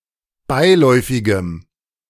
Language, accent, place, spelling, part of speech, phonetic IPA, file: German, Germany, Berlin, beiläufigem, adjective, [ˈbaɪ̯ˌlɔɪ̯fɪɡəm], De-beiläufigem.ogg
- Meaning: strong dative masculine/neuter singular of beiläufig